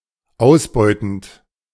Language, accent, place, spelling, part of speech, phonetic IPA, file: German, Germany, Berlin, ausbeutend, verb, [ˈaʊ̯sˌbɔɪ̯tn̩t], De-ausbeutend.ogg
- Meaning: present participle of ausbeuten